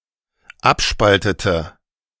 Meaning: inflection of abspalten: 1. first/third-person singular dependent preterite 2. first/third-person singular dependent subjunctive II
- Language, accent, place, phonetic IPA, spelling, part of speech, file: German, Germany, Berlin, [ˈapˌʃpaltətə], abspaltete, verb, De-abspaltete.ogg